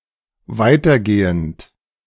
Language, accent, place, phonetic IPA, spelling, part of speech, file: German, Germany, Berlin, [ˈvaɪ̯tɐˌɡeːənt], weitergehend, verb, De-weitergehend.ogg
- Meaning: present participle of weitergehen